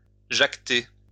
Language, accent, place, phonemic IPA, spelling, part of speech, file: French, France, Lyon, /ʒak.te/, jacqueter, verb, LL-Q150 (fra)-jacqueter.wav
- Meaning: to chat